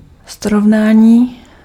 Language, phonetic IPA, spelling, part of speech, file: Czech, [ˈsrovnaːɲiː], srovnání, noun, Cs-srovnání.ogg
- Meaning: 1. verbal noun of srovnat 2. comparison